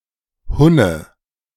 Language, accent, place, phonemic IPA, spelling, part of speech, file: German, Germany, Berlin, /ˈhʊnə/, Hunne, noun, De-Hunne.ogg
- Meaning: Hun (member of a nomadic tribe, most likely of Turkic origin)